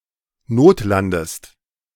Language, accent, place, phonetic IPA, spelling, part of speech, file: German, Germany, Berlin, [ˈnoːtˌlandəst], notlandest, verb, De-notlandest.ogg
- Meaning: inflection of notlanden: 1. second-person singular present 2. second-person singular subjunctive I